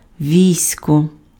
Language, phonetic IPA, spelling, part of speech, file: Ukrainian, [ˈʋʲii̯sʲkɔ], військо, noun, Uk-військо.ogg
- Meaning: 1. army, host 2. troops, forces